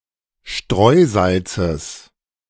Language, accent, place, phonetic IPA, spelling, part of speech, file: German, Germany, Berlin, [ˈʃtʁɔɪ̯ˌzalt͡səs], Streusalzes, noun, De-Streusalzes.ogg
- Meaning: genitive singular of Streusalz